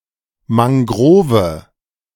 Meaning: mangrove
- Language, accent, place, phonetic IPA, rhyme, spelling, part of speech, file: German, Germany, Berlin, [maŋˈɡʁoːvə], -oːvə, Mangrove, noun, De-Mangrove.ogg